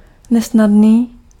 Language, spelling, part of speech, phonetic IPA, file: Czech, nesnadný, adjective, [ˈnɛsnadniː], Cs-nesnadný.ogg
- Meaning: difficult